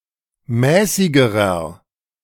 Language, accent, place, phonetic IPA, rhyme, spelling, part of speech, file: German, Germany, Berlin, [ˈmɛːsɪɡəʁɐ], -ɛːsɪɡəʁɐ, mäßigerer, adjective, De-mäßigerer.ogg
- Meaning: inflection of mäßig: 1. strong/mixed nominative masculine singular comparative degree 2. strong genitive/dative feminine singular comparative degree 3. strong genitive plural comparative degree